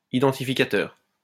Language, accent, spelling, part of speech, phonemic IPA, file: French, France, identificateur, noun, /i.dɑ̃.ti.fi.ka.tœʁ/, LL-Q150 (fra)-identificateur.wav
- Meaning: identifier